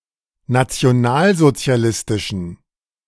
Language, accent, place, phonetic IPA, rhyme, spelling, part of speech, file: German, Germany, Berlin, [nat͡si̯oˈnaːlzot͡si̯aˌlɪstɪʃn̩], -aːlzot͡si̯alɪstɪʃn̩, nationalsozialistischen, adjective, De-nationalsozialistischen.ogg
- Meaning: inflection of nationalsozialistisch: 1. strong genitive masculine/neuter singular 2. weak/mixed genitive/dative all-gender singular 3. strong/weak/mixed accusative masculine singular